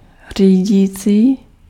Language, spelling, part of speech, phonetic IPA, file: Czech, řídící, adjective, [ˈr̝iːɟiːt͡siː], Cs-řídící.ogg
- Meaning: steering